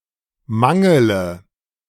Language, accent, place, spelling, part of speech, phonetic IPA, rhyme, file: German, Germany, Berlin, mangele, verb, [ˈmaŋələ], -aŋələ, De-mangele.ogg
- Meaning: inflection of mangeln: 1. first-person singular present 2. singular imperative 3. first/third-person singular subjunctive I